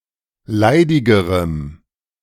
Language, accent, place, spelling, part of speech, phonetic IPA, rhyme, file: German, Germany, Berlin, leidigerem, adjective, [ˈlaɪ̯dɪɡəʁəm], -aɪ̯dɪɡəʁəm, De-leidigerem.ogg
- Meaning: strong dative masculine/neuter singular comparative degree of leidig